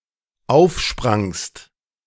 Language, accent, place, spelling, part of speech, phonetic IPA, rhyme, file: German, Germany, Berlin, aufsprangst, verb, [ˈaʊ̯fˌʃpʁaŋst], -aʊ̯fʃpʁaŋst, De-aufsprangst.ogg
- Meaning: second-person singular dependent preterite of aufspringen